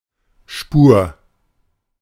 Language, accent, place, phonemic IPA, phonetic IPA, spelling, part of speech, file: German, Germany, Berlin, /ʃpuːr/, [ʃpu(ː)ɐ̯], Spur, noun, De-Spur.ogg
- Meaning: 1. trace (rest of something that indicates its former presence; (by extension) any small amount) 2. trail, track, spoor (path of signs leading somewhere, also e.g. through scent)